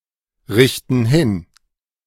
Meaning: inflection of hinrichten: 1. first/third-person plural present 2. first/third-person plural subjunctive I
- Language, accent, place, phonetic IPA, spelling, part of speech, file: German, Germany, Berlin, [ˌʁɪçtn̩ ˈhɪn], richten hin, verb, De-richten hin.ogg